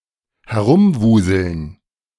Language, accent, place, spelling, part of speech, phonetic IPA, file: German, Germany, Berlin, herumwuseln, verb, [hɛˈʁʊmˌvuːzl̩n], De-herumwuseln.ogg
- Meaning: to move about in a disorganized fashion